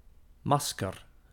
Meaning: mask
- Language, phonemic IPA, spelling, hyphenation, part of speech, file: Dutch, /ˈmɑs.kər/, masker, mas‧ker, noun, Nl-masker.ogg